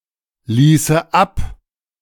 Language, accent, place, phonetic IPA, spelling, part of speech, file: German, Germany, Berlin, [ˌliːsə ˈap], ließe ab, verb, De-ließe ab.ogg
- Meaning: first/third-person singular subjunctive II of ablassen